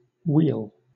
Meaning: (noun) 1. Wealth, riches 2. Welfare, prosperity 3. Boon, benefit 4. Specifically, the general happiness of a community, country etc. (often with qualifying word)
- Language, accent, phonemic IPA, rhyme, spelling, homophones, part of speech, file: English, Southern England, /wiːl/, -iːl, weal, we'll / wheal, noun / verb, LL-Q1860 (eng)-weal.wav